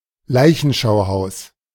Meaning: morgue, mortuary
- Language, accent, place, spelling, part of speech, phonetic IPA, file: German, Germany, Berlin, Leichenschauhaus, noun, [ˈlaɪ̯çn̩ʃaʊ̯ˌhaʊ̯s], De-Leichenschauhaus.ogg